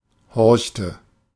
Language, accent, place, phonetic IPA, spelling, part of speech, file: German, Germany, Berlin, [ˈhɔʁçtə], horchte, verb, De-horchte.ogg
- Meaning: inflection of horchen: 1. first/third-person singular preterite 2. first/third-person singular subjunctive II